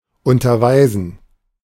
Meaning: to teach
- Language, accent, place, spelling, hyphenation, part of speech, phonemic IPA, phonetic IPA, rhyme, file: German, Germany, Berlin, unterweisen, un‧ter‧wei‧sen, verb, /ˌʊntɐˈvaɪ̯zən/, [ˌʊntɐˈvaɪ̯zn̩], -aɪ̯zn̩, De-unterweisen.ogg